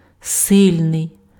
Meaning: 1. strong 2. violent
- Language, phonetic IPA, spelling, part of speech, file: Ukrainian, [ˈsɪlʲnei̯], сильний, adjective, Uk-сильний.ogg